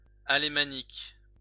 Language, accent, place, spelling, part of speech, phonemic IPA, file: French, France, Lyon, alémanique, adjective, /a.le.ma.nik/, LL-Q150 (fra)-alémanique.wav
- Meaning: Alemannic